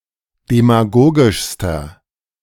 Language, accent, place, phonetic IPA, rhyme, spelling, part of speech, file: German, Germany, Berlin, [demaˈɡoːɡɪʃstɐ], -oːɡɪʃstɐ, demagogischster, adjective, De-demagogischster.ogg
- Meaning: inflection of demagogisch: 1. strong/mixed nominative masculine singular superlative degree 2. strong genitive/dative feminine singular superlative degree 3. strong genitive plural superlative degree